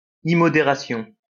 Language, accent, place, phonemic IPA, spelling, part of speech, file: French, France, Lyon, /i.mɔ.de.ʁa.sjɔ̃/, immodération, noun, LL-Q150 (fra)-immodération.wav
- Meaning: immoderation